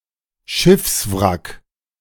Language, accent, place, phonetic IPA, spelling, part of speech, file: German, Germany, Berlin, [ˈʃɪfsˌvʁak], Schiffswrack, noun, De-Schiffswrack.ogg
- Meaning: shipwreck (vessel)